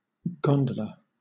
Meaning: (noun) A small long, narrow boat with a high prow and stern, propelled with a single oar, especially in Venice
- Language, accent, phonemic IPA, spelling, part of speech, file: English, Southern England, /ˈɡɒn.də.lə/, gondola, noun / verb, LL-Q1860 (eng)-gondola.wav